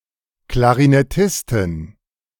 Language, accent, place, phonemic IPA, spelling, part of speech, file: German, Germany, Berlin, /klaʁinɛˈtɪstɪn/, Klarinettistin, noun, De-Klarinettistin.ogg
- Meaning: clarinetist (female musician)